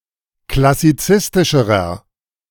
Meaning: inflection of klassizistisch: 1. strong/mixed nominative masculine singular comparative degree 2. strong genitive/dative feminine singular comparative degree
- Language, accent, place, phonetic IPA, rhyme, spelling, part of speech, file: German, Germany, Berlin, [klasiˈt͡sɪstɪʃəʁɐ], -ɪstɪʃəʁɐ, klassizistischerer, adjective, De-klassizistischerer.ogg